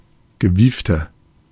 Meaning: 1. comparative degree of gewieft 2. inflection of gewieft: strong/mixed nominative masculine singular 3. inflection of gewieft: strong genitive/dative feminine singular
- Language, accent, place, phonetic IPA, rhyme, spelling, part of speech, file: German, Germany, Berlin, [ɡəˈviːftɐ], -iːftɐ, gewiefter, adjective, De-gewiefter.ogg